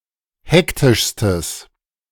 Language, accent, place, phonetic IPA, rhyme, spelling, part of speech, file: German, Germany, Berlin, [ˈhɛktɪʃstəs], -ɛktɪʃstəs, hektischstes, adjective, De-hektischstes.ogg
- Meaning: strong/mixed nominative/accusative neuter singular superlative degree of hektisch